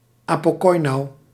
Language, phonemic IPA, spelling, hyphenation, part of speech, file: Dutch, /ˌaː.poː.kɔi̯.nu/, apokoinou, apo‧koi‧nou, noun, Nl-apokoinou.ogg
- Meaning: apokoinou (rhetorical device)